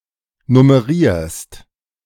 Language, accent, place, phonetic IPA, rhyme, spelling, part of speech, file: German, Germany, Berlin, [nʊməˈʁiːɐ̯st], -iːɐ̯st, nummerierst, verb, De-nummerierst.ogg
- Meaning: second-person singular present of nummerieren